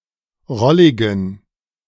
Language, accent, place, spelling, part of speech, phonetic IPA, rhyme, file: German, Germany, Berlin, rolligen, adjective, [ˈʁɔlɪɡn̩], -ɔlɪɡn̩, De-rolligen.ogg
- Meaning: inflection of rollig: 1. strong genitive masculine/neuter singular 2. weak/mixed genitive/dative all-gender singular 3. strong/weak/mixed accusative masculine singular 4. strong dative plural